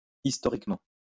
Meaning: historically
- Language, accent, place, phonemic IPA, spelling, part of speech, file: French, France, Lyon, /is.tɔ.ʁik.mɑ̃/, historiquement, adverb, LL-Q150 (fra)-historiquement.wav